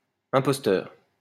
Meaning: impostor, fake
- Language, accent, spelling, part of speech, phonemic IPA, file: French, France, imposteur, noun, /ɛ̃.pɔs.tœʁ/, LL-Q150 (fra)-imposteur.wav